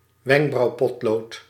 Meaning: eyebrow pencil
- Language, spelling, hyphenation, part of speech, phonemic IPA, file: Dutch, wenkbrauwpotlood, wenk‧brauw‧pot‧lood, noun, /ˈʋɛŋk.brɑu̯ˌpɔt.loːt/, Nl-wenkbrauwpotlood.ogg